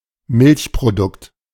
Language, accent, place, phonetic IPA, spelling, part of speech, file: German, Germany, Berlin, [ˈmɪlçpʁoˌdʊkt], Milchprodukt, noun, De-Milchprodukt.ogg
- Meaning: dairy product